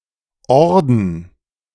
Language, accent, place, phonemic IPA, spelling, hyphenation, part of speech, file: German, Germany, Berlin, /ˈɔʁdn̩/, Orden, Or‧den, noun, De-Orden.ogg
- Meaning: 1. order (awarded decoration) 2. order (religious group) 3. order (society of knights)